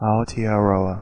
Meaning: 1. The North Island of New Zealand 2. New Zealand, a country in Oceania; the Māori name, used especially in a Polynesian or precolonial context
- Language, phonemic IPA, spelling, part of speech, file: English, /aʊ.tɪəˈrɐʉ.a/, Aotearoa, proper noun, En-nz-Aotearoa.ogg